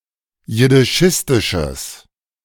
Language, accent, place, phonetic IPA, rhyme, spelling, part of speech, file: German, Germany, Berlin, [jɪdɪˈʃɪstɪʃəs], -ɪstɪʃəs, jiddischistisches, adjective, De-jiddischistisches.ogg
- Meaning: strong/mixed nominative/accusative neuter singular of jiddischistisch